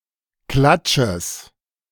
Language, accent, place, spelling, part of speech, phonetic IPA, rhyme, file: German, Germany, Berlin, Klatsches, noun, [ˈklat͡ʃəs], -at͡ʃəs, De-Klatsches.ogg
- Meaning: genitive singular of Klatsch